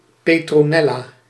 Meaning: a female given name from Latin
- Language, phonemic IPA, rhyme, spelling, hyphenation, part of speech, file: Dutch, /ˌpeː.troːˈnɛ.laː/, -ɛlaː, Petronella, Pe‧tro‧nel‧la, proper noun, Nl-Petronella.ogg